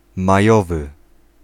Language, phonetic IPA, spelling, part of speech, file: Polish, [maˈjɔvɨ], majowy, adjective, Pl-majowy.ogg